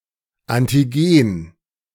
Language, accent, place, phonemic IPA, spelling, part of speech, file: German, Germany, Berlin, /ˈantiɡeːn/, Antigen, noun, De-Antigen.ogg
- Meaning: antigen